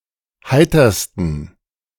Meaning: 1. superlative degree of heiter 2. inflection of heiter: strong genitive masculine/neuter singular superlative degree
- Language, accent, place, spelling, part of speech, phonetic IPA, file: German, Germany, Berlin, heitersten, adjective, [ˈhaɪ̯tɐstn̩], De-heitersten.ogg